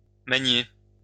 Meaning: 1. bump, hit into (accidentally) 2. move
- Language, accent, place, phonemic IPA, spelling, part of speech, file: French, France, Lyon, /ma.ɲe/, magner, verb, LL-Q150 (fra)-magner.wav